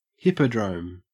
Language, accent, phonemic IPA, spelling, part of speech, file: English, Australia, /ˈhɪpəˌdɹəʊm/, hippodrome, noun / verb, En-au-hippodrome.ogg
- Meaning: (noun) 1. A horse racing course 2. A fraudulent sporting contest with a predetermined winner 3. A circus with equestrian performances; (verb) To stage a sporting contest to suit gamblers